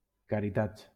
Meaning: plural of caritat
- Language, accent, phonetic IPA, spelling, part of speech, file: Catalan, Valencia, [ka.ɾiˈtats], caritats, noun, LL-Q7026 (cat)-caritats.wav